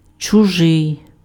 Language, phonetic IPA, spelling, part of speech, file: Ukrainian, [t͡ʃʊˈʒɪi̯], чужий, adjective, Uk-чужий.ogg
- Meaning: 1. someone else’s, another’s, other’s 2. alien, strange, foreign